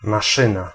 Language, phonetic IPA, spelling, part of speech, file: Polish, [maˈʃɨ̃na], maszyna, noun, Pl-maszyna.ogg